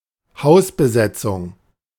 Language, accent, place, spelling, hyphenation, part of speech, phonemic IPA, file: German, Germany, Berlin, Hausbesetzung, Haus‧be‧set‧zung, noun, /ˈhaʊ̯sbəˌzɛt͡sʊŋ/, De-Hausbesetzung.ogg
- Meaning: 1. squatting (occupation of a house without permission) 2. squat (house that has been occupied without permission)